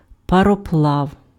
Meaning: steamboat, steamer, steamship
- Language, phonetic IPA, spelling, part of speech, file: Ukrainian, [pɐrɔˈpɫau̯], пароплав, noun, Uk-пароплав.ogg